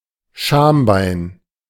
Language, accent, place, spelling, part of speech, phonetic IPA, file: German, Germany, Berlin, Schambein, noun, [ˈʃaːmˌbaɪ̯n], De-Schambein.ogg
- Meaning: pubis